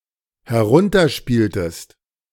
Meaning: inflection of herunterspielen: 1. second-person singular dependent preterite 2. second-person singular dependent subjunctive II
- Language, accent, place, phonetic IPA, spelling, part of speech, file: German, Germany, Berlin, [hɛˈʁʊntɐˌʃpiːltəst], herunterspieltest, verb, De-herunterspieltest.ogg